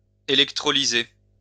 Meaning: to electrolyze
- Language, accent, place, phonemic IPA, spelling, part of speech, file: French, France, Lyon, /e.lɛk.tʁɔ.li.ze/, électrolyser, verb, LL-Q150 (fra)-électrolyser.wav